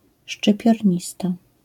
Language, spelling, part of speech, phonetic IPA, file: Polish, szczypiornista, noun, [ˌʃt͡ʃɨpʲjɔrʲˈɲista], LL-Q809 (pol)-szczypiornista.wav